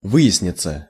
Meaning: 1. to turn out, to come out, to be discovered, to become clear, to come to light 2. passive of вы́яснить (výjasnitʹ)
- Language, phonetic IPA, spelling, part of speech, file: Russian, [ˈvɨ(j)ɪsnʲɪt͡sə], выясниться, verb, Ru-выясниться.ogg